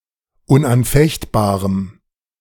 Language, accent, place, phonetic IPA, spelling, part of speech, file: German, Germany, Berlin, [ʊnʔanˈfɛçtˌbaːʁəm], unanfechtbarem, adjective, De-unanfechtbarem.ogg
- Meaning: strong dative masculine/neuter singular of unanfechtbar